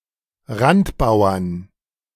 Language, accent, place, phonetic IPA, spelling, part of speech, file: German, Germany, Berlin, [ˈʁantˌbaʊ̯ɐn], Randbauern, noun, De-Randbauern.ogg
- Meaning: 1. genitive/dative/accusative singular of Randbauer 2. plural of Randbauer